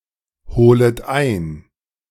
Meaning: second-person plural subjunctive I of einholen
- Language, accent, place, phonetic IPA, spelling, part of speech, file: German, Germany, Berlin, [ˌhoːlət ˈaɪ̯n], holet ein, verb, De-holet ein.ogg